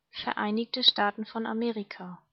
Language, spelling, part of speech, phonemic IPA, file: German, Vereinigte Staaten von Amerika, proper noun, /fɛɐ̯ˈʔaɪ̯nɪçtə ˈʃtaːtn̩ fɔn aˈmeːʁika/, De-Vereinigte Staaten von Amerika.ogg
- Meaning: United States of America (a country in North America)